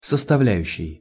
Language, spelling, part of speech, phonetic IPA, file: Russian, составляющей, noun, [səstɐˈvlʲæjʉɕːɪj], Ru-составляющей.ogg
- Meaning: genitive/dative/instrumental/prepositional singular of составля́ющая (sostavljájuščaja)